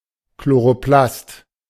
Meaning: chloroplast
- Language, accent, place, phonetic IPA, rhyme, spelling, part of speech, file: German, Germany, Berlin, [kloʁoˈplast], -ast, Chloroplast, noun, De-Chloroplast.ogg